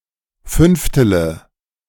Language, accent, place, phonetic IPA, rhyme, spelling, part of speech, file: German, Germany, Berlin, [ˈfʏnftələ], -ʏnftələ, fünftele, verb, De-fünftele.ogg
- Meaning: inflection of fünftel: 1. strong/mixed nominative/accusative feminine singular 2. strong nominative/accusative plural 3. weak nominative all-gender singular 4. weak accusative feminine/neuter singular